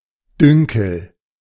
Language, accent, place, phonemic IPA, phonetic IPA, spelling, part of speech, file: German, Germany, Berlin, /ˈdʏŋkəl/, [ˈdʏŋ.kl̩], Dünkel, noun, De-Dünkel.ogg
- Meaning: the (unjustified) conviction that one is better than others; conceit, arrogance